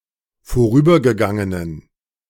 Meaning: inflection of vorübergegangen: 1. strong genitive masculine/neuter singular 2. weak/mixed genitive/dative all-gender singular 3. strong/weak/mixed accusative masculine singular 4. strong dative plural
- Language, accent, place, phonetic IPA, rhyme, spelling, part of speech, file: German, Germany, Berlin, [foˈʁyːbɐɡəˌɡaŋənən], -yːbɐɡəɡaŋənən, vorübergegangenen, adjective, De-vorübergegangenen.ogg